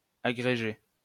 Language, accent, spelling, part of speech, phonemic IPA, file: French, France, agréger, verb, /a.ɡʁe.ʒe/, LL-Q150 (fra)-agréger.wav
- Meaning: 1. to aggregate 2. to incorporate 3. to form into a greater entity, to aggregate 4. to join